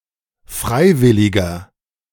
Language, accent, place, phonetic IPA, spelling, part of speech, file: German, Germany, Berlin, [ˈfʁaɪ̯ˌvɪlɪɡɐ], freiwilliger, adjective, De-freiwilliger.ogg
- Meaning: 1. comparative degree of freiwillig 2. inflection of freiwillig: strong/mixed nominative masculine singular 3. inflection of freiwillig: strong genitive/dative feminine singular